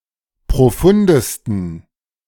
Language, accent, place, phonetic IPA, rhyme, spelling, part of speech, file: German, Germany, Berlin, [pʁoˈfʊndəstn̩], -ʊndəstn̩, profundesten, adjective, De-profundesten.ogg
- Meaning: 1. superlative degree of profund 2. inflection of profund: strong genitive masculine/neuter singular superlative degree